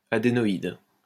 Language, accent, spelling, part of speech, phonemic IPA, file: French, France, adénoïde, adjective, /a.de.nɔ.id/, LL-Q150 (fra)-adénoïde.wav
- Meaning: 1. adenoid 2. glandular